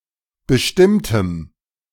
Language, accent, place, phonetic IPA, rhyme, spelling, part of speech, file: German, Germany, Berlin, [bəˈʃtɪmtəm], -ɪmtəm, bestimmtem, adjective, De-bestimmtem.ogg
- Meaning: strong dative masculine/neuter singular of bestimmt